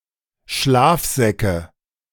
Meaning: nominative/accusative/genitive plural of Schlafsack
- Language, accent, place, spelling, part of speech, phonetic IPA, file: German, Germany, Berlin, Schlafsäcke, noun, [ˈʃlaːfˌzɛkə], De-Schlafsäcke.ogg